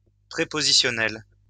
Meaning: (adjective) prepositional; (noun) prepositional (the prepositional case)
- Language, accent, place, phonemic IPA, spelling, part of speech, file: French, France, Lyon, /pʁe.po.zi.sjɔ.nɛl/, prépositionnel, adjective / noun, LL-Q150 (fra)-prépositionnel.wav